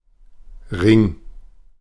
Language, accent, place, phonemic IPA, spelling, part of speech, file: German, Germany, Berlin, /ʁɪŋ/, Ring, noun, De-Ring.ogg
- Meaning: 1. a ring (a circular and hollow object, made of any material.) 2. a ring (small jewelry worn on the finger (usually composed of precious metals))